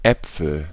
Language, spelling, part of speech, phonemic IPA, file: German, Äpfel, noun, /ˈɛpfəl/, De-Äpfel.ogg
- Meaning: 1. nominative plural of Apfel 2. genitive plural of Apfel 3. accusative plural of Apfel